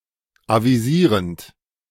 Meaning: present participle of avisieren
- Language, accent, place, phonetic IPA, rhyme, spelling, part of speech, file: German, Germany, Berlin, [ˌaviˈziːʁənt], -iːʁənt, avisierend, verb, De-avisierend.ogg